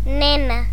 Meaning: 1. child (female), especially before puberty 2. girl; young woman
- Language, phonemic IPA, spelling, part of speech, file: Galician, /ˈne.na/, nena, noun, Gl-nena.ogg